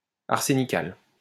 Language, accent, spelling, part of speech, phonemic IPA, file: French, France, arsénical, adjective, /aʁ.se.ni.kal/, LL-Q150 (fra)-arsénical.wav
- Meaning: arsenical